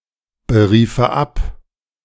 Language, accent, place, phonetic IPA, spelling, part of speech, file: German, Germany, Berlin, [bəˌʁiːfə ˈap], beriefe ab, verb, De-beriefe ab.ogg
- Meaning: first/third-person singular subjunctive II of abberufen